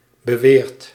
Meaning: past participle of beweren
- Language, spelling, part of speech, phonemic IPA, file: Dutch, beweerd, adverb / verb, /bəˈweːrt/, Nl-beweerd.ogg